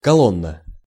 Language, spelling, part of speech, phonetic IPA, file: Russian, колонна, noun, [kɐˈɫonːə], Ru-колонна.ogg
- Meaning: 1. column, pillar (upright supporting beam) 2. column of troops